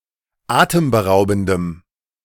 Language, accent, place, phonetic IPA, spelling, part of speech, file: German, Germany, Berlin, [ˈaːtəmbəˌʁaʊ̯bn̩dəm], atemberaubendem, adjective, De-atemberaubendem.ogg
- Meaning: strong dative masculine/neuter singular of atemberaubend